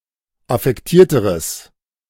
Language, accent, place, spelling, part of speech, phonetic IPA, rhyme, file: German, Germany, Berlin, affektierteres, adjective, [afɛkˈtiːɐ̯təʁəs], -iːɐ̯təʁəs, De-affektierteres.ogg
- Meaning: strong/mixed nominative/accusative neuter singular comparative degree of affektiert